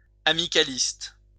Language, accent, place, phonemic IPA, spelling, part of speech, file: French, France, Lyon, /a.mi.ka.list/, amicaliste, adjective, LL-Q150 (fra)-amicaliste.wav
- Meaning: friendly society